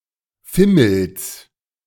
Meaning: genitive singular of Fimmel
- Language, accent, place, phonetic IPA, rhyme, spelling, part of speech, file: German, Germany, Berlin, [ˈfɪml̩s], -ɪml̩s, Fimmels, noun, De-Fimmels.ogg